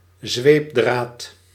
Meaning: flagellum
- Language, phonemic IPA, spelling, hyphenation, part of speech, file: Dutch, /ˈzʋeːp.draːt/, zweepdraad, zweep‧draad, noun, Nl-zweepdraad.ogg